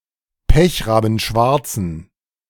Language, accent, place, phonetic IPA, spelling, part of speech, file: German, Germany, Berlin, [ˈpɛçʁaːbn̩ˌʃvaʁt͡sn̩], pechrabenschwarzen, adjective, De-pechrabenschwarzen.ogg
- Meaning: inflection of pechrabenschwarz: 1. strong genitive masculine/neuter singular 2. weak/mixed genitive/dative all-gender singular 3. strong/weak/mixed accusative masculine singular